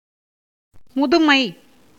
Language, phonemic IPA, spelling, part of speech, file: Tamil, /mʊd̪ʊmɐɪ̯/, முதுமை, noun, Ta-முதுமை.ogg
- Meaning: 1. old age, senility 2. antiquity, oldness 3. maturity